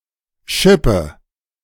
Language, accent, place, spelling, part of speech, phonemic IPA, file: German, Germany, Berlin, Schippe, noun, /ˈʃɪpə/, De-Schippe.ogg
- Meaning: 1. shovel 2. used as a typical property of manual labourers 3. spade